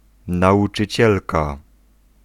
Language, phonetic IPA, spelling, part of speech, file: Polish, [ˌnaʷut͡ʃɨˈt͡ɕɛlka], nauczycielka, noun, Pl-nauczycielka.ogg